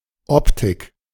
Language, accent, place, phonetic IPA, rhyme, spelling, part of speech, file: German, Germany, Berlin, [ˈɔptɪk], -ɔptɪk, Optik, noun, De-Optik.ogg
- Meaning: 1. optics (physics of light and vision) 2. look (style, fashion) 3. perspective